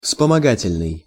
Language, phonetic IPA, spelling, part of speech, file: Russian, [fspəmɐˈɡatʲɪlʲnɨj], вспомогательный, adjective, Ru-вспомогательный.ogg
- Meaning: auxiliary, subsidiary